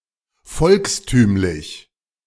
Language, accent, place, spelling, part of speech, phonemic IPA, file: German, Germany, Berlin, volkstümlich, adjective, /ˈfɔlkstyːmlɪç/, De-volkstümlich.ogg
- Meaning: 1. folksy 2. popular 3. folk, folklore